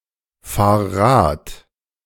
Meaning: singular imperative of Rad fahren
- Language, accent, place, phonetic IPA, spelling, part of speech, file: German, Germany, Berlin, [ˌfaːɐ̯ ˈʁaːt], fahr Rad, verb, De-fahr Rad.ogg